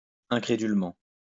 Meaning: incredulously
- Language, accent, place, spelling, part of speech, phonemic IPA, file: French, France, Lyon, incrédulement, adverb, /ɛ̃.kʁe.dyl.mɑ̃/, LL-Q150 (fra)-incrédulement.wav